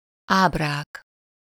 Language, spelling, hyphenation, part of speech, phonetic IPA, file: Hungarian, ábrák, áb‧rák, noun, [ˈaːbraːk], Hu-ábrák.ogg
- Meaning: nominative plural of ábra